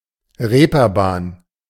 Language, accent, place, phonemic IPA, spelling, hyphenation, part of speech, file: German, Germany, Berlin, /ˈʁeːpɐˌbaːn/, Reeperbahn, Ree‧per‧bahn, noun / proper noun, De-Reeperbahn.ogg
- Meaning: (noun) ropewalk; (proper noun) A street and entertainment district in the St. Pauli quarter of Hamburg, Germany